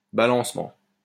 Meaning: 1. rocking, swaying 2. equilibrium, balance
- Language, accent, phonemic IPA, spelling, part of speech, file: French, France, /ba.lɑ̃s.mɑ̃/, balancement, noun, LL-Q150 (fra)-balancement.wav